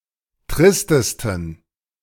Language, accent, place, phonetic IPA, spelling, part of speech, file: German, Germany, Berlin, [ˈtʁɪstəstn̩], tristesten, adjective, De-tristesten.ogg
- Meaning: 1. superlative degree of trist 2. inflection of trist: strong genitive masculine/neuter singular superlative degree